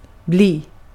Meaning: 1. to become 2. to become: to turn into (with an optional preposition till) 3. to remain, to stay 4. to be (in a future sense)
- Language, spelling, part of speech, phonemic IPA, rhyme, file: Swedish, bli, verb, /bliː/, -iː, Sv-bli.ogg